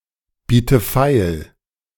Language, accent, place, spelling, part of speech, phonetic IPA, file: German, Germany, Berlin, biete feil, verb, [ˌbiːtə ˈfaɪ̯l], De-biete feil.ogg
- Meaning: inflection of feilbieten: 1. first-person singular present 2. first/third-person singular subjunctive I 3. singular imperative